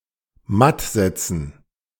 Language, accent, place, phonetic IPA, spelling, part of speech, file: German, Germany, Berlin, [ˈmat ˈzɛt͡sn̩], matt setzen, phrase, De-matt setzen.ogg
- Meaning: alternative form of mattsetzen